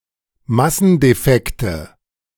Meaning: nominative/accusative/genitive plural of Massendefekt
- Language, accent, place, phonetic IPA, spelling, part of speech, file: German, Germany, Berlin, [ˈmasn̩deˌfɛktə], Massendefekte, noun, De-Massendefekte.ogg